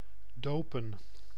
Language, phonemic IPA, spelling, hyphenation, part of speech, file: Dutch, /ˈdoːpə(n)/, dopen, do‧pen, verb / noun, Nl-dopen.ogg
- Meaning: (verb) 1. to dip, to immerse 2. to baptize, to christen 3. to name (give a name to) 4. to haze (perform an unpleasant initiation ritual); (noun) plural of doop